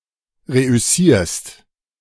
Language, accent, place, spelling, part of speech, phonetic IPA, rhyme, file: German, Germany, Berlin, reüssierst, verb, [ˌʁeʔʏˈsiːɐ̯st], -iːɐ̯st, De-reüssierst.ogg
- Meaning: second-person singular present of reüssieren